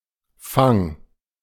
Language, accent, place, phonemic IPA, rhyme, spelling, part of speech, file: German, Germany, Berlin, /faŋ/, -aŋ, Fang, noun, De-Fang.ogg
- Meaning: 1. catch, capture 2. booty, prey 3. haul, draught 4. fang, talon, claw, tusk 5. coup de grâce 6. hunting, fishing (fish, whales)